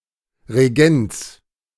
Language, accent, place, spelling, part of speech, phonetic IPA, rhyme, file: German, Germany, Berlin, Regents, noun, [ʁeˈɡɛnt͡s], -ɛnt͡s, De-Regents.ogg
- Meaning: plural of Regent